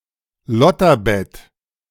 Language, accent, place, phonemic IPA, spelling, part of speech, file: German, Germany, Berlin, /ˈlɔtɐˌbɛt/, Lotterbett, noun, De-Lotterbett.ogg
- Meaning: 1. shag bed, love nest 2. couch